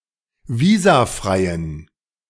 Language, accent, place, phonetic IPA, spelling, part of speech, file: German, Germany, Berlin, [ˈviːzaˌfʁaɪ̯ən], visafreien, adjective, De-visafreien.ogg
- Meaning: inflection of visafrei: 1. strong genitive masculine/neuter singular 2. weak/mixed genitive/dative all-gender singular 3. strong/weak/mixed accusative masculine singular 4. strong dative plural